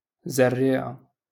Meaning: seed
- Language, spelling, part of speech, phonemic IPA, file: Moroccan Arabic, زريعة, noun, /zar.riː.ʕa/, LL-Q56426 (ary)-زريعة.wav